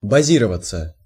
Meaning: 1. to be based 2. to be based somewhere, to set up base
- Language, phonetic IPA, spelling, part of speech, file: Russian, [bɐˈzʲirəvət͡sə], базироваться, verb, Ru-базироваться.ogg